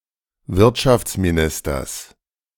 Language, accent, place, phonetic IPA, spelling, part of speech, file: German, Germany, Berlin, [ˈvɪʁtʃaft͡smiˌnɪstɐs], Wirtschaftsministers, noun, De-Wirtschaftsministers.ogg
- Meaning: genitive singular of Wirtschaftsminister